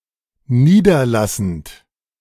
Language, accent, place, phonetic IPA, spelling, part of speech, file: German, Germany, Berlin, [ˈniːdɐˌlasn̩t], niederlassend, verb, De-niederlassend.ogg
- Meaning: present participle of niederlassen